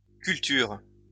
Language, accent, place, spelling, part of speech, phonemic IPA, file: French, France, Lyon, cultures, noun, /kyl.tyʁ/, LL-Q150 (fra)-cultures.wav
- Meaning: plural of culture